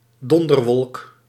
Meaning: thunder cloud
- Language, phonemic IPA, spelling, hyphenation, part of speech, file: Dutch, /ˈdɔn.dərˌʋɔlk/, donderwolk, don‧der‧wolk, noun, Nl-donderwolk.ogg